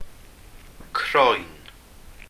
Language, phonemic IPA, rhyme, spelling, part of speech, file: Welsh, /kroːɨ̯n/, -oːɨ̯n, croen, noun, Cy-croen.ogg
- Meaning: 1. skin 2. hide, pelt 3. rind, peel